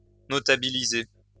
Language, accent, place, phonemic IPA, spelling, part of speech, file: French, France, Lyon, /nɔ.ta.bi.li.ze/, notabiliser, verb, LL-Q150 (fra)-notabiliser.wav
- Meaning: to become well-known